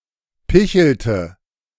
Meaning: inflection of picheln: 1. first/third-person singular preterite 2. first/third-person singular subjunctive II
- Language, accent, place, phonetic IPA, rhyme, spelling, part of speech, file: German, Germany, Berlin, [ˈpɪçl̩tə], -ɪçl̩tə, pichelte, verb, De-pichelte.ogg